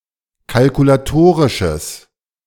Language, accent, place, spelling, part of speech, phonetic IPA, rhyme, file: German, Germany, Berlin, kalkulatorisches, adjective, [kalkulaˈtoːʁɪʃəs], -oːʁɪʃəs, De-kalkulatorisches.ogg
- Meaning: strong/mixed nominative/accusative neuter singular of kalkulatorisch